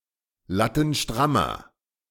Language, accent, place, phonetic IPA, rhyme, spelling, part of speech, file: German, Germany, Berlin, [ˌlatn̩ˈʃtʁamɐ], -amɐ, lattenstrammer, adjective, De-lattenstrammer.ogg
- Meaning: inflection of lattenstramm: 1. strong/mixed nominative masculine singular 2. strong genitive/dative feminine singular 3. strong genitive plural